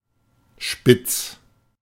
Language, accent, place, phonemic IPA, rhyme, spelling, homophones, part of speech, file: German, Germany, Berlin, /ʃpɪt͡s/, -ɪt͡s, spitz, Spitz, adjective / verb, De-spitz.ogg
- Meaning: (adjective) 1. pointed, pointy 2. sharp 3. spiky 4. acute 5. horny; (verb) 1. singular imperative of spitzen 2. first-person singular present of spitzen